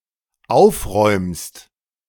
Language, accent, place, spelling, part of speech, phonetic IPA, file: German, Germany, Berlin, aufräumst, verb, [ˈaʊ̯fˌʁɔɪ̯mst], De-aufräumst.ogg
- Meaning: second-person singular dependent present of aufräumen